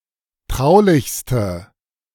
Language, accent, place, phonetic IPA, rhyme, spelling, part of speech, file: German, Germany, Berlin, [ˈtʁaʊ̯lɪçstə], -aʊ̯lɪçstə, traulichste, adjective, De-traulichste.ogg
- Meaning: inflection of traulich: 1. strong/mixed nominative/accusative feminine singular superlative degree 2. strong nominative/accusative plural superlative degree